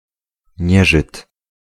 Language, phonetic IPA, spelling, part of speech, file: Polish, [ˈɲɛʒɨt], nieżyt, noun, Pl-nieżyt.ogg